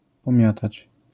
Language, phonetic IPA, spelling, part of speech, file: Polish, [pɔ̃ˈmʲjatat͡ɕ], pomiatać, verb, LL-Q809 (pol)-pomiatać.wav